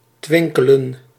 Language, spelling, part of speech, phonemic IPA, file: Dutch, twinkelen, verb, /ˈtwɪŋkələ(n)/, Nl-twinkelen.ogg
- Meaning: to twinkle